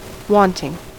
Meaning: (adjective) 1. That wants or desires 2. Absent or lacking 3. Deficient; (preposition) 1. Without, except, but 2. Less, short of, minus; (verb) present participle and gerund of want
- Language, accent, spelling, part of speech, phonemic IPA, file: English, US, wanting, adjective / preposition / verb / noun, /ˈwɑntɪŋ/, En-us-wanting.ogg